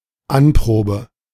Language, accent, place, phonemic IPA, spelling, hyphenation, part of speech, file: German, Germany, Berlin, /ˈanˌpʁoːbə/, Anprobe, An‧pro‧be, noun, De-Anprobe.ogg
- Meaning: fitting (of clothes)